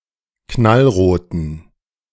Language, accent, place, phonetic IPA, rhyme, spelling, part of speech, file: German, Germany, Berlin, [ˌknalˈʁoːtn̩], -oːtn̩, knallroten, adjective, De-knallroten.ogg
- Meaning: inflection of knallrot: 1. strong genitive masculine/neuter singular 2. weak/mixed genitive/dative all-gender singular 3. strong/weak/mixed accusative masculine singular 4. strong dative plural